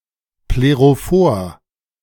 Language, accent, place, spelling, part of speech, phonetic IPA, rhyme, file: German, Germany, Berlin, plerophor, adjective, [pleʁoˈfoːɐ̯], -oːɐ̯, De-plerophor.ogg
- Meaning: plerophoric